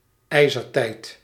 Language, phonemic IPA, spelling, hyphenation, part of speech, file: Dutch, /ˈɛi̯.zərˌtɛi̯t/, ijzertijd, ij‧zer‧tijd, proper noun, Nl-ijzertijd.ogg
- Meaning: Iron Age